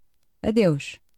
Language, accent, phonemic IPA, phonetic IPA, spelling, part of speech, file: Portuguese, Portugal, /ɐˈdewʃ/, [ɐˈðewʃ], adeus, interjection, Pt adeus.ogg
- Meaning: goodbye (farewell)